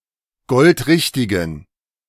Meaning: inflection of goldrichtig: 1. strong genitive masculine/neuter singular 2. weak/mixed genitive/dative all-gender singular 3. strong/weak/mixed accusative masculine singular 4. strong dative plural
- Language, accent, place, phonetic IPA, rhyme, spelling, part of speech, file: German, Germany, Berlin, [ˈɡɔltˈʁɪçtɪɡn̩], -ɪçtɪɡn̩, goldrichtigen, adjective, De-goldrichtigen.ogg